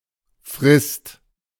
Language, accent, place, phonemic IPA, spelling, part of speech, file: German, Germany, Berlin, /fʁɪst/, Frist, noun, De-Frist.ogg
- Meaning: term, deadline, period (time limit)